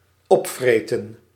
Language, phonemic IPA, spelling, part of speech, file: Dutch, /ˈɔpvreːtə(n)/, opvreten, verb, Nl-opvreten.ogg
- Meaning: 1. to eat up something in a savage manner 2. to corrode